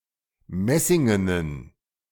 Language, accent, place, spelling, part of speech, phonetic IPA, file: German, Germany, Berlin, messingenen, adjective, [ˈmɛsɪŋənən], De-messingenen.ogg
- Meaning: inflection of messingen: 1. strong genitive masculine/neuter singular 2. weak/mixed genitive/dative all-gender singular 3. strong/weak/mixed accusative masculine singular 4. strong dative plural